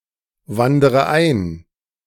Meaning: inflection of einwandern: 1. first-person singular present 2. first/third-person singular subjunctive I 3. singular imperative
- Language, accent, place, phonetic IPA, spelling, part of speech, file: German, Germany, Berlin, [ˌvandəʁə ˈaɪ̯n], wandere ein, verb, De-wandere ein.ogg